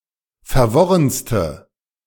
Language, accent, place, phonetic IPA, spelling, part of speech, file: German, Germany, Berlin, [fɛɐ̯ˈvɔʁənstə], verworrenste, adjective, De-verworrenste.ogg
- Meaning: inflection of verworren: 1. strong/mixed nominative/accusative feminine singular superlative degree 2. strong nominative/accusative plural superlative degree